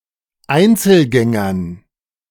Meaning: dative plural of Einzelgänger
- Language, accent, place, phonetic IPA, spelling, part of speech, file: German, Germany, Berlin, [ˈaɪ̯nt͡sl̩ˌɡɛŋɐn], Einzelgängern, noun, De-Einzelgängern.ogg